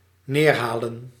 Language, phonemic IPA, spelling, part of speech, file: Dutch, /ˈnerhalə(n)/, neerhalen, verb, Nl-neerhalen.ogg
- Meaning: to shoot down